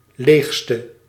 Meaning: inflection of leegst, the superlative degree of leeg: 1. masculine/feminine singular attributive 2. definite neuter singular attributive 3. plural attributive
- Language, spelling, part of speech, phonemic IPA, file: Dutch, leegste, adjective, /ˈleːxstə/, Nl-leegste.ogg